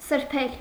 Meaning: 1. to wipe 2. to clean, to cleanse 3. to dry by wiping 4. to rob
- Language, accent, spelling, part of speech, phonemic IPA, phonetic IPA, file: Armenian, Eastern Armenian, սրբել, verb, /səɾˈpʰel/, [səɾpʰél], Hy-սրբել.ogg